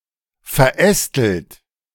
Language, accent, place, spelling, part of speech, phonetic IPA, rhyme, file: German, Germany, Berlin, verästelt, verb, [fɛɐ̯ˈʔɛstl̩t], -ɛstl̩t, De-verästelt.ogg
- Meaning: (verb) past participle of verästeln; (adjective) 1. complex 2. branching, dendritic